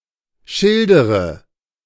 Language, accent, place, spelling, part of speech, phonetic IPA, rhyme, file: German, Germany, Berlin, schildere, verb, [ˈʃɪldəʁə], -ɪldəʁə, De-schildere.ogg
- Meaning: inflection of schildern: 1. first-person singular present 2. first/third-person singular subjunctive I 3. singular imperative